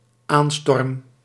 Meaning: first-person singular dependent-clause present indicative of aanstormen
- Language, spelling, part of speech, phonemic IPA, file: Dutch, aanstorm, verb, /ˈanstɔrᵊm/, Nl-aanstorm.ogg